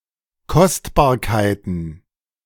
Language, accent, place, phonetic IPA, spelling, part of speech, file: German, Germany, Berlin, [ˈkɔstbaːɐ̯kaɪ̯tn̩], Kostbarkeiten, noun, De-Kostbarkeiten.ogg
- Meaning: plural of Kostbarkeit